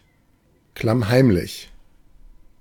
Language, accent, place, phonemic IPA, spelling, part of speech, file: German, Germany, Berlin, /klamˈhaɪ̯mlɪç/, klammheimlich, adjective, De-klammheimlich.ogg
- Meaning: clandestine (done or kept in secret)